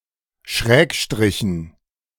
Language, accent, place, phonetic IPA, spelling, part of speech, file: German, Germany, Berlin, [ˈʃʁɛːkˌʃtʁɪçn̩], Schrägstrichen, noun, De-Schrägstrichen.ogg
- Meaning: dative plural of Schrägstrich